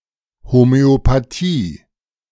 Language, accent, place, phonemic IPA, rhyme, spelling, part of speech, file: German, Germany, Berlin, /ˌhomøopaˈtiː/, -iː, Homöopathie, noun, De-Homöopathie.ogg
- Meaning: homeopathy